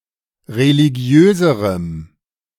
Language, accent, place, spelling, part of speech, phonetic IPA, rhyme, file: German, Germany, Berlin, religiöserem, adjective, [ʁeliˈɡi̯øːzəʁəm], -øːzəʁəm, De-religiöserem.ogg
- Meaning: strong dative masculine/neuter singular comparative degree of religiös